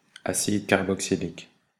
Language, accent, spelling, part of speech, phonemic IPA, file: French, Belgium, acide carboxylique, noun, /a.sid kaʁ.bɔk.si.lik/, Fr-BE-acide carboxylique.ogg
- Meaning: carboxylic acid